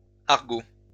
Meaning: plural of argot
- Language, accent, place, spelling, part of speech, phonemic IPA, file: French, France, Lyon, argots, noun, /aʁ.ɡo/, LL-Q150 (fra)-argots.wav